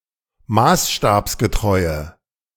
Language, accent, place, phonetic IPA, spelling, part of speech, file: German, Germany, Berlin, [ˈmaːsʃtaːpsɡəˌtʁɔɪ̯ə], maßstabsgetreue, adjective, De-maßstabsgetreue.ogg
- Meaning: inflection of maßstabsgetreu: 1. strong/mixed nominative/accusative feminine singular 2. strong nominative/accusative plural 3. weak nominative all-gender singular